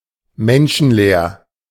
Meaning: without humans; deserted
- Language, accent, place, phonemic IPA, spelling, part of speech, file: German, Germany, Berlin, /ˈmɛnʃn̩ˌleːɐ̯/, menschenleer, adjective, De-menschenleer.ogg